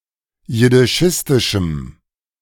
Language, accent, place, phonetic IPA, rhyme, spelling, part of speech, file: German, Germany, Berlin, [jɪdɪˈʃɪstɪʃm̩], -ɪstɪʃm̩, jiddischistischem, adjective, De-jiddischistischem.ogg
- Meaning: strong dative masculine/neuter singular of jiddischistisch